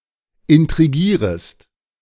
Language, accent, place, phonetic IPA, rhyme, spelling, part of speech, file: German, Germany, Berlin, [ɪntʁiˈɡiːʁəst], -iːʁəst, intrigierest, verb, De-intrigierest.ogg
- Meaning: second-person singular subjunctive I of intrigieren